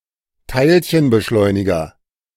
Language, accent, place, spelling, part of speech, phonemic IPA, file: German, Germany, Berlin, Teilchenbeschleuniger, noun, /ˈtaɪ̯lçənbəˌʃlɔɪ̯nɪɡɐ/, De-Teilchenbeschleuniger.ogg
- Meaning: particle accelerator, atom smasher